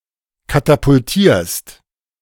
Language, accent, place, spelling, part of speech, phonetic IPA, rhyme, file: German, Germany, Berlin, katapultierst, verb, [katapʊlˈtiːɐ̯st], -iːɐ̯st, De-katapultierst.ogg
- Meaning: second-person singular present of katapultieren